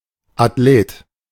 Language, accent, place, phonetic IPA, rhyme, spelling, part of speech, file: German, Germany, Berlin, [atˈleːt], -eːt, Athlet, noun, De-Athlet.ogg
- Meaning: athlete